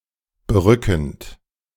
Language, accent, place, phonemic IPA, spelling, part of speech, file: German, Germany, Berlin, /bəˈʁʏkn̩t/, berückend, verb / adjective, De-berückend.ogg
- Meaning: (verb) present participle of berücken (“to captivate, to beguile”); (adjective) breathtaking, attractive, bewitching, charming, captivating, fascinating, irresistible